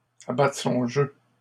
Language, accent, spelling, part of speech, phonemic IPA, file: French, Canada, abattre son jeu, verb, /a.ba.tʁə sɔ̃ ʒø/, LL-Q150 (fra)-abattre son jeu.wav
- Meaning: 1. to show one's hand, to show one's cards, to put one's cards on the table 2. to show one's cards (to reveal one's intentions)